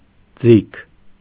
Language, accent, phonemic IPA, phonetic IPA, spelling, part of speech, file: Armenian, Eastern Armenian, /d͡zikʰ/, [d͡zikʰ], ձիգ, adjective / adverb, Hy-ձիգ.ogg
- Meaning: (adjective) 1. tight, taut 2. long, extended; slow, monotonous; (adverb) tightly